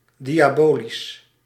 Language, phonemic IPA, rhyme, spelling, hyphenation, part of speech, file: Dutch, /ˌdi.aːˈboː.lis/, -oːlis, diabolisch, dia‧bo‧lisch, adjective, Nl-diabolisch.ogg
- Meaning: diabolic (showing wickedness typical of a devil)